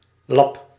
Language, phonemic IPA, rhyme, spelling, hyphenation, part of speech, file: Dutch, /lɑp/, -ɑp, lap, lap, noun / interjection / verb, Nl-lap.ogg
- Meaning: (noun) 1. a rag, a piece of cloth 2. a patch, a piece of cloth 3. a slice of meat 4. a plot, a tract (of ground) 5. a slap, a punch 6. a bloke, dude, bum; especially a drunk or objectionable one